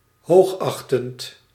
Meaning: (adjective) having high regard (with an indirect object optionally indicating the object of high regard); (interjection) yours sincerely, yours faithfully (ending of a formal letter)
- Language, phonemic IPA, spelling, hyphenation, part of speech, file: Dutch, /ˈɦoːxˌɑx.tənt/, hoogachtend, hoog‧ach‧tend, adjective / interjection, Nl-hoogachtend.ogg